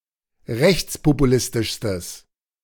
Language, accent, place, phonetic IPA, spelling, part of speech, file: German, Germany, Berlin, [ˈʁɛçt͡spopuˌlɪstɪʃstəs], rechtspopulistischstes, adjective, De-rechtspopulistischstes.ogg
- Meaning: strong/mixed nominative/accusative neuter singular superlative degree of rechtspopulistisch